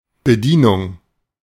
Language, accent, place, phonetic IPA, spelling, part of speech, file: German, Germany, Berlin, [bəˈdiːnʊŋ], Bedienung, noun, De-Bedienung.ogg
- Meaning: 1. service 2. waiter, waitress 3. operation